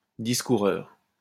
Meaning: babbler; waffler
- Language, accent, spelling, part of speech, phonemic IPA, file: French, France, discoureur, noun, /dis.ku.ʁœʁ/, LL-Q150 (fra)-discoureur.wav